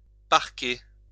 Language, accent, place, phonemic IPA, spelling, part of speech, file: French, France, Lyon, /paʁ.ke/, parker, verb, LL-Q150 (fra)-parker.wav
- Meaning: to park (a vehicle)